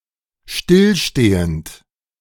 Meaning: present participle of stillstehen
- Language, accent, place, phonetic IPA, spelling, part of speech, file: German, Germany, Berlin, [ˈʃtɪlˌʃteːənt], stillstehend, verb, De-stillstehend.ogg